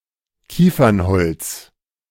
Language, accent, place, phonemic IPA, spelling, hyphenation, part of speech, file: German, Germany, Berlin, /ˈkiːfɐnˌhɔlt͡s/, Kiefernholz, Kie‧fern‧holz, noun, De-Kiefernholz.ogg
- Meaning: pinewood (The wood of a pine tree.)